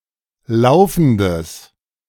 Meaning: strong/mixed nominative/accusative neuter singular of laufend
- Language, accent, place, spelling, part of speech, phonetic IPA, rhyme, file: German, Germany, Berlin, laufendes, adjective, [ˈlaʊ̯fn̩dəs], -aʊ̯fn̩dəs, De-laufendes.ogg